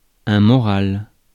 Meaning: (noun) morale, optimism; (adjective) 1. moral 2. incorporeal
- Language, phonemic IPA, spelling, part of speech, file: French, /mɔ.ʁal/, moral, noun / adjective, Fr-moral.ogg